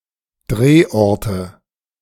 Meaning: nominative/accusative/genitive plural of Drehort
- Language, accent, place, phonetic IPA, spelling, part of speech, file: German, Germany, Berlin, [ˈdʁeːˌʔɔʁtə], Drehorte, noun, De-Drehorte.ogg